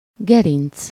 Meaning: 1. mountain ridge, chine (the top of a mountain ridge) 2. spine, backbone
- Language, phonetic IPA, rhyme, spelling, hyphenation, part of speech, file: Hungarian, [ˈɡɛrint͡s], -int͡s, gerinc, ge‧rinc, noun, Hu-gerinc.ogg